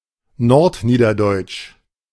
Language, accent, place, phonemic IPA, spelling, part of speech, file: German, Germany, Berlin, /ˈnɔʁtˌniːdɐdɔɪ̯t͡ʃ/, nordniederdeutsch, adjective, De-nordniederdeutsch.ogg
- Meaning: North Low German